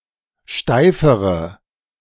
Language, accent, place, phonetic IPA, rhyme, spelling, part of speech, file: German, Germany, Berlin, [ˈʃtaɪ̯fəʁə], -aɪ̯fəʁə, steifere, adjective, De-steifere.ogg
- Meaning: inflection of steif: 1. strong/mixed nominative/accusative feminine singular comparative degree 2. strong nominative/accusative plural comparative degree